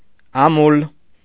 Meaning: 1. sterile, barren, unable to produce offspring 2. barren, not fertile 3. fruitless, vain, futile, unsuccessful
- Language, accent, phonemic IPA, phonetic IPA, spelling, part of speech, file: Armenian, Eastern Armenian, /ɑˈmul/, [ɑmúl], ամուլ, adjective, Hy-ամուլ.ogg